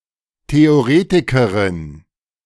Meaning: female equivalent of Theoretiker
- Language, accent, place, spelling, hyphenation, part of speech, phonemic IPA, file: German, Germany, Berlin, Theoretikerin, The‧o‧re‧ti‧ke‧rin, noun, /te.oˈʁeː.ti.kə.ʁɪn/, De-Theoretikerin.ogg